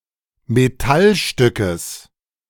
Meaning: genitive singular of Metallstück
- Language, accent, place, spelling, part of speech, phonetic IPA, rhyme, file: German, Germany, Berlin, Metallstückes, noun, [meˈtalˌʃtʏkəs], -alʃtʏkəs, De-Metallstückes.ogg